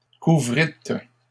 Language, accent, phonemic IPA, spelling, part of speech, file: French, Canada, /ku.vʁit/, couvrîtes, verb, LL-Q150 (fra)-couvrîtes.wav
- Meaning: second-person plural past historic of couvrir